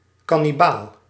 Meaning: cannibal (human or other organism which eats (parts of) other members of its own species)
- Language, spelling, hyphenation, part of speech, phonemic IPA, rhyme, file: Dutch, kannibaal, kan‧ni‧baal, noun, /kɑ.niˈbaːl/, -aːl, Nl-kannibaal.ogg